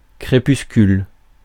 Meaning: 1. dusk, evening twilight (time of day between sunset and darkness) 2. twilight (of the morning or the evening)
- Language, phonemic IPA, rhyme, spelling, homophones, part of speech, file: French, /kʁe.pys.kyl/, -yl, crépuscule, crépuscules, noun, Fr-crépuscule.ogg